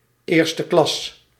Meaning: first-class
- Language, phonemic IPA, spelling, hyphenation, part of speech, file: Dutch, /ˌeːr.stəˈklɑs/, eersteklas, eer‧ste‧klas, adjective, Nl-eersteklas.ogg